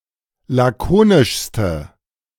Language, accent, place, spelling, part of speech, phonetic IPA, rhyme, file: German, Germany, Berlin, lakonischste, adjective, [ˌlaˈkoːnɪʃstə], -oːnɪʃstə, De-lakonischste.ogg
- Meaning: inflection of lakonisch: 1. strong/mixed nominative/accusative feminine singular superlative degree 2. strong nominative/accusative plural superlative degree